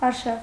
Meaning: 1. military campaign, expedition 2. excursion, outing, hike, tour, trip
- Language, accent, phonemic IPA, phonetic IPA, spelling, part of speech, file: Armenian, Eastern Armenian, /ɑɾˈʃɑv/, [ɑɾʃɑ́v], արշավ, noun, Hy-արշավ.ogg